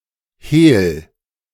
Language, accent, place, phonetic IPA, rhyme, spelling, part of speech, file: German, Germany, Berlin, [heːl], -eːl, hehl, verb, De-hehl.ogg
- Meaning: 1. singular imperative of hehlen 2. first-person singular present of hehlen